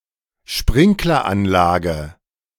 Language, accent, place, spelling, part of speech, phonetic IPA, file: German, Germany, Berlin, Sprinkleranlage, noun, [ʃpʁɪŋklɐˌʔanlaːɡə], De-Sprinkleranlage.ogg
- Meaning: sprinkler system